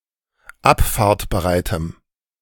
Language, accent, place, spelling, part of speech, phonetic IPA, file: German, Germany, Berlin, abfahrtbereitem, adjective, [ˈapfaːɐ̯tbəˌʁaɪ̯təm], De-abfahrtbereitem.ogg
- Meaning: strong dative masculine/neuter singular of abfahrtbereit